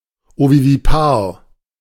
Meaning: ovoviviparous
- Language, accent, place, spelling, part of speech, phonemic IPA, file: German, Germany, Berlin, ovovivipar, adjective, /ˌovoviviˈpaːɐ̯/, De-ovovivipar.ogg